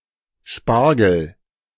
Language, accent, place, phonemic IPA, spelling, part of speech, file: German, Germany, Berlin, /ˈʃparɡəl/, Spargel, noun, De-Spargel.ogg
- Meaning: asparagus